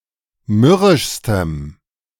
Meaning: strong dative masculine/neuter singular superlative degree of mürrisch
- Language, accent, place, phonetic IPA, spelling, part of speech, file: German, Germany, Berlin, [ˈmʏʁɪʃstəm], mürrischstem, adjective, De-mürrischstem.ogg